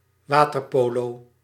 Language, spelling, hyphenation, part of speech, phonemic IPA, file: Dutch, waterpolo, wa‧ter‧po‧lo, noun, /ˈʋaːtərpoːloː/, Nl-waterpolo.ogg
- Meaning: water polo